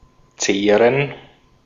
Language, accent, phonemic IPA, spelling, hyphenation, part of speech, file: German, Austria, /ˈtseːrən/, zehren, zeh‧ren, verb, De-at-zehren.ogg
- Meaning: 1. to live on, to feed on 2. to undermine, to wear out